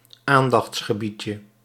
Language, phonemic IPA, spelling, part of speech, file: Dutch, /ˈandɑx(t)sxəˌbicə/, aandachtsgebiedje, noun, Nl-aandachtsgebiedje.ogg
- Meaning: diminutive of aandachtsgebied